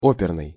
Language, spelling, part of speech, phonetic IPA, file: Russian, оперный, adjective, [ˈopʲɪrnɨj], Ru-оперный.ogg
- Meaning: 1. opera 2. operatic